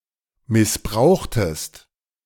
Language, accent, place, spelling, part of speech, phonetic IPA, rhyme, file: German, Germany, Berlin, missbrauchtest, verb, [mɪsˈbʁaʊ̯xtəst], -aʊ̯xtəst, De-missbrauchtest.ogg
- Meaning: inflection of missbrauchen: 1. second-person singular preterite 2. second-person singular subjunctive II